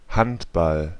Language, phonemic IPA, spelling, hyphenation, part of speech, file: German, /ˈhantbal/, Handball, Hand‧ball, noun, De-Handball.ogg
- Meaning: 1. handball (Olympic team sport) 2. handball (the ball used in this sport)